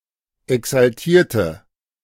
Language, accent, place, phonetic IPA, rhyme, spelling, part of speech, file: German, Germany, Berlin, [ɛksalˈtiːɐ̯tə], -iːɐ̯tə, exaltierte, adjective / verb, De-exaltierte.ogg
- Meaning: inflection of exaltiert: 1. strong/mixed nominative/accusative feminine singular 2. strong nominative/accusative plural 3. weak nominative all-gender singular